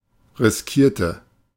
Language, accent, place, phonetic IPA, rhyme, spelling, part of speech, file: German, Germany, Berlin, [ʁɪsˈkiːɐ̯tə], -iːɐ̯tə, riskierte, adjective / verb, De-riskierte.ogg
- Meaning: inflection of riskieren: 1. first/third-person singular preterite 2. first/third-person singular subjunctive II